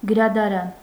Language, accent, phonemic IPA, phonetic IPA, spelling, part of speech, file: Armenian, Eastern Armenian, /ɡəɾɑdɑˈɾɑn/, [ɡəɾɑdɑɾɑ́n], գրադարան, noun, Hy-գրադարան.ogg
- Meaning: library